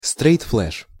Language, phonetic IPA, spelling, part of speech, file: Russian, [ˈstrɛjt ˈfɫɛʂ], стрейт-флеш, noun, Ru-стрейт-флеш.ogg
- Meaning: straight flush